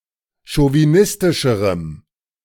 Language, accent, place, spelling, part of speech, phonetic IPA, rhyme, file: German, Germany, Berlin, chauvinistischerem, adjective, [ʃoviˈnɪstɪʃəʁəm], -ɪstɪʃəʁəm, De-chauvinistischerem.ogg
- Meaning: strong dative masculine/neuter singular comparative degree of chauvinistisch